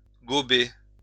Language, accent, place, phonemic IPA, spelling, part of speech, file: French, France, Lyon, /ɡɔ.be/, gober, verb, LL-Q150 (fra)-gober.wav
- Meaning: 1. to swallow whole 2. to believe easily, without evidence; to buy 3. to ingest drugs, especially ecstasy or LSD